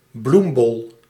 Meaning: flower bulb
- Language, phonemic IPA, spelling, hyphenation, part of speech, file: Dutch, /ˈblum.bɔl/, bloembol, bloem‧bol, noun, Nl-bloembol.ogg